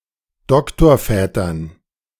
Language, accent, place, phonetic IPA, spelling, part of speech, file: German, Germany, Berlin, [ˈdɔktoːɐ̯ˌfɛːtɐn], Doktorvätern, noun, De-Doktorvätern.ogg
- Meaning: dative plural of Doktorvater